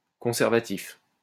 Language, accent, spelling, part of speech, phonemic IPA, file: French, France, conservatif, adjective, /kɔ̃.sɛʁ.va.tif/, LL-Q150 (fra)-conservatif.wav
- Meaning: conservative